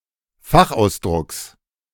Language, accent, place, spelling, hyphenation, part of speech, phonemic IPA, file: German, Germany, Berlin, Fachausdrucks, Fach‧aus‧drucks, noun, /ˈfaxʔaʊ̯sˌdʁʊks/, De-Fachausdrucks.ogg
- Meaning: genitive singular of Fachausdruck